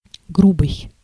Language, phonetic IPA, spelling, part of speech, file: Russian, [ˈɡrubɨj], грубый, adjective, Ru-грубый.ogg
- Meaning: 1. uncouth, boorish, rude, uncultured 2. rough, coarse (of cloth, a surface, etc.) 3. rough, hoarse, raspy (of a voice or sound) 4. rough, approximate, inexact (of work, an estimate, etc.)